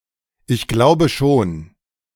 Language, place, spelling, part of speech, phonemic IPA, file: German, Berlin, ich glaube schon, phrase, /ɪçˈɡlaʊ̯bəˌʃoːn/, De-Ich glaube schon..ogg
- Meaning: I think so